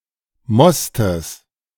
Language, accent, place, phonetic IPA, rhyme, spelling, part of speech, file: German, Germany, Berlin, [mɔstəs], -ɔstəs, Mostes, noun, De-Mostes.ogg
- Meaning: genitive singular of Most